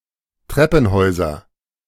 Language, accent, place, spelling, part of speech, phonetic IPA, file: German, Germany, Berlin, Treppenhäuser, noun, [ˈtʁɛpn̩ˌhɔɪ̯zɐ], De-Treppenhäuser.ogg
- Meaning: nominative/accusative/genitive plural of Treppenhaus